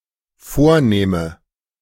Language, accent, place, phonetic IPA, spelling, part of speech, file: German, Germany, Berlin, [ˈfoːɐ̯ˌneːmə], vornehme, adjective / verb, De-vornehme.ogg
- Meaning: inflection of vornehmen: 1. first-person singular dependent present 2. first/third-person singular dependent subjunctive I